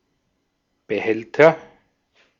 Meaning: container (item that can store or transport objects or materials)
- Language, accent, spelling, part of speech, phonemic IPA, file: German, Austria, Behälter, noun, /b̥eˈhɛltɐ/, De-at-Behälter.ogg